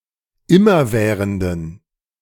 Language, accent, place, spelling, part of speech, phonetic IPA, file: German, Germany, Berlin, immerwährenden, adjective, [ˈɪmɐˌvɛːʁəndn̩], De-immerwährenden.ogg
- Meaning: inflection of immerwährend: 1. strong genitive masculine/neuter singular 2. weak/mixed genitive/dative all-gender singular 3. strong/weak/mixed accusative masculine singular 4. strong dative plural